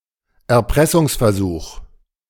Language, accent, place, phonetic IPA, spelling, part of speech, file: German, Germany, Berlin, [ɛɐ̯ˈprɛsʊŋsfɛɐ̯zuːx], Erpressungsversuch, noun, De-Erpressungsversuch.ogg
- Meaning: extortion attempt